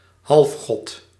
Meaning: 1. demigod, half-god 2. demigod, half-god: hero of semi-divine extraction
- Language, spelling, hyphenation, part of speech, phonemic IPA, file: Dutch, halfgod, half‧god, noun, /ˈɦɑlf.xɔt/, Nl-halfgod.ogg